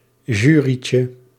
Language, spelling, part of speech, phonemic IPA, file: Dutch, jury'tje, noun, /ˈʒyricə/, Nl-jury'tje.ogg
- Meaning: diminutive of jury